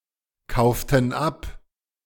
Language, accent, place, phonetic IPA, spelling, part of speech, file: German, Germany, Berlin, [ˌkaʊ̯ftn̩ ˈap], kauften ab, verb, De-kauften ab.ogg
- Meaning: inflection of abkaufen: 1. first/third-person plural preterite 2. first/third-person plural subjunctive II